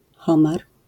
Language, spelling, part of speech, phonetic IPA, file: Polish, homar, noun, [ˈxɔ̃mar], LL-Q809 (pol)-homar.wav